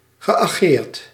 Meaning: past participle of ageren
- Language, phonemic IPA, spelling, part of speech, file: Dutch, /ɣəʔaˈɣert/, geageerd, verb, Nl-geageerd.ogg